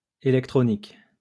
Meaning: plural of électronique
- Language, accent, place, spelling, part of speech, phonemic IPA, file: French, France, Lyon, électroniques, adjective, /e.lɛk.tʁɔ.nik/, LL-Q150 (fra)-électroniques.wav